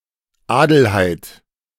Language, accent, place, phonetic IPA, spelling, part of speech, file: German, Germany, Berlin, [ˈaːdl̩haɪ̯t], Adelheid, proper noun, De-Adelheid.ogg
- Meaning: a female given name from Old High German